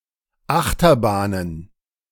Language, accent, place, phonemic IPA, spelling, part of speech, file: German, Germany, Berlin, /ˈʔaxtɐˌbaːnən/, Achterbahnen, noun, De-Achterbahnen.ogg
- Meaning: plural of Achterbahn